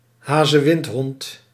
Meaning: a greyhound
- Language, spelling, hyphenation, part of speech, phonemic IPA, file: Dutch, hazewindhond, ha‧ze‧wind‧hond, noun, /ˈɦaː.zəˌʋɪnt.ɦɔnt/, Nl-hazewindhond.ogg